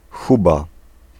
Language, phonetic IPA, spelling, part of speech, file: Polish, [ˈxuba], huba, noun, Pl-huba.ogg